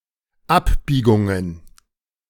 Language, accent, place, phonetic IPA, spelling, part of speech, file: German, Germany, Berlin, [ˈapˌbiːɡʊŋən], Abbiegungen, noun, De-Abbiegungen.ogg
- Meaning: plural of Abbiegung